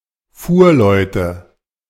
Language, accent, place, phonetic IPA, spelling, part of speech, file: German, Germany, Berlin, [ˈfuːɐ̯ˌlɔɪ̯tə], Fuhrleute, noun, De-Fuhrleute.ogg
- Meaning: nominative/accusative/genitive plural of Fuhrmann (or may also include Fuhrfrauen)